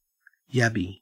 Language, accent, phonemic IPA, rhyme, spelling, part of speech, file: English, Australia, /ˈjæb.i/, -æbi, yabby, noun / verb, En-au-yabby.ogg
- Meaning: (noun) Any of various freshwater crayfish, typically of the genus Cherax, valued as food, especially Cherax destructor of southeastern Australia